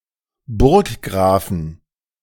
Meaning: inflection of Burggraf: 1. genitive/dative/accusative singular 2. nominative/genitive/dative/accusative plural
- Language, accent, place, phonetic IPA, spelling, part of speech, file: German, Germany, Berlin, [ˈbʊʁkˌɡʁaːfn̩], Burggrafen, noun, De-Burggrafen.ogg